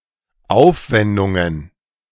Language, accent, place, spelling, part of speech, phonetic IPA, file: German, Germany, Berlin, Aufwendungen, noun, [ˈaʊ̯fˌvɛndʊŋən], De-Aufwendungen.ogg
- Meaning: plural of Aufwendung